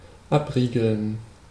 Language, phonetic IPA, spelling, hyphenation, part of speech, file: German, [ˈapˌʁiːɡl̩n], abriegeln, ab‧rie‧geln, verb, De-abriegeln.ogg
- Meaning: 1. to bar, to bolt 2. to close off, to block off